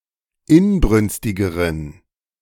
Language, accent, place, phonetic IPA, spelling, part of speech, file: German, Germany, Berlin, [ˈɪnˌbʁʏnstɪɡəʁən], inbrünstigeren, adjective, De-inbrünstigeren.ogg
- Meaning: inflection of inbrünstig: 1. strong genitive masculine/neuter singular comparative degree 2. weak/mixed genitive/dative all-gender singular comparative degree